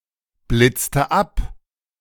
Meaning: inflection of abblitzen: 1. first/third-person singular preterite 2. first/third-person singular subjunctive II
- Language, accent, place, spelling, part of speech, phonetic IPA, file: German, Germany, Berlin, blitzte ab, verb, [ˌblɪt͡stə ˈap], De-blitzte ab.ogg